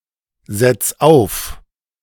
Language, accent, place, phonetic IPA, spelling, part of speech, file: German, Germany, Berlin, [ˌzɛt͡s ˈaʊ̯f], setz auf, verb, De-setz auf.ogg
- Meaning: 1. singular imperative of aufsetzen 2. first-person singular present of aufsetzen